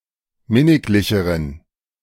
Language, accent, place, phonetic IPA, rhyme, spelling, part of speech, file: German, Germany, Berlin, [ˈmɪnɪklɪçəʁən], -ɪnɪklɪçəʁən, minniglicheren, adjective, De-minniglicheren.ogg
- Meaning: inflection of minniglich: 1. strong genitive masculine/neuter singular comparative degree 2. weak/mixed genitive/dative all-gender singular comparative degree